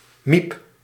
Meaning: 1. an unintelligent woman or girl, especially one who acts distinguished or complains a lot 2. a male homosexual
- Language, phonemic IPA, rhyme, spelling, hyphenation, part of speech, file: Dutch, /mip/, -ip, miep, miep, noun, Nl-miep.ogg